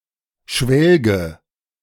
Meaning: inflection of schwelgen: 1. first-person singular present 2. first/third-person singular subjunctive I 3. singular imperative
- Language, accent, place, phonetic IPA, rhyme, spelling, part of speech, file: German, Germany, Berlin, [ˈʃvɛlɡə], -ɛlɡə, schwelge, verb, De-schwelge.ogg